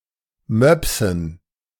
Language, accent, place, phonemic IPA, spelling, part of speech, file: German, Germany, Berlin, /ˈmœpsn̩/, Möpsen, noun, De-Möpsen.ogg
- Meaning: dative plural of Mops